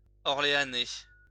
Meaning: 1. of, from or relating to the city of Orleans, the prefecture of the Loiret department, Centre-Val de Loire, France 2. of, from or relating to Orléanais, former duchy in central France
- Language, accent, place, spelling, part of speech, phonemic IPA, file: French, France, Lyon, orléanais, adjective, /ɔʁ.le.a.nɛ/, LL-Q150 (fra)-orléanais.wav